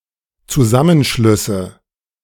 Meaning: nominative/accusative/genitive plural of Zusammenschluss
- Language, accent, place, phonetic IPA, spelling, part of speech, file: German, Germany, Berlin, [t͡suˈzamənˌʃlʏsə], Zusammenschlüsse, noun, De-Zusammenschlüsse.ogg